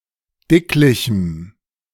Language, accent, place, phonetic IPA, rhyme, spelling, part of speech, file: German, Germany, Berlin, [ˈdɪklɪçm̩], -ɪklɪçm̩, dicklichem, adjective, De-dicklichem.ogg
- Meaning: strong dative masculine/neuter singular of dicklich